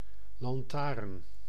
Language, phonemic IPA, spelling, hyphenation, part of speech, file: Dutch, /lɑnˈtaːrn/, lantaarn, lan‧taarn, noun, Nl-lantaarn.ogg
- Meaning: lantern